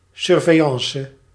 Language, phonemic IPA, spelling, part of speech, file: Dutch, /ˌsʏrvɛiˈjɑ̃sə/, surveillance, noun, Nl-surveillance.ogg
- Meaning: stakeout